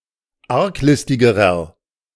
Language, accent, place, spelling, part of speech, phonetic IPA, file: German, Germany, Berlin, arglistigerer, adjective, [ˈaʁkˌlɪstɪɡəʁɐ], De-arglistigerer.ogg
- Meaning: inflection of arglistig: 1. strong/mixed nominative masculine singular comparative degree 2. strong genitive/dative feminine singular comparative degree 3. strong genitive plural comparative degree